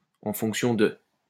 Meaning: 1. as a function of, in terms of 2. according to, depending on, based on
- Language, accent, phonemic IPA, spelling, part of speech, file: French, France, /ɑ̃ fɔ̃k.sjɔ̃ də/, en fonction de, preposition, LL-Q150 (fra)-en fonction de.wav